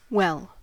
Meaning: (adverb) 1. Accurately, competently, satisfactorily 2. Completely, fully 3. To a significant degree 4. Very (as a general-purpose intensifier)
- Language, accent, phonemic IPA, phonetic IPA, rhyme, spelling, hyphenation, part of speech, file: English, General American, /ˈwɛl/, [ˈwɫ̩], -ɛl, well, well, adverb / adjective / interjection / noun / verb, En-us-well.ogg